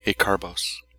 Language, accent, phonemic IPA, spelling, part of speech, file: English, General American, /eɪˈkɑɹˌboʊs/, acarbose, noun, En-acarbose.ogg